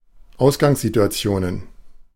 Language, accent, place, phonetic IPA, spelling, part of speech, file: German, Germany, Berlin, [ˈaʊ̯sɡaŋszituaˌt͡si̯oːnən], Ausgangssituationen, noun, De-Ausgangssituationen.ogg
- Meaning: plural of Ausgangssituation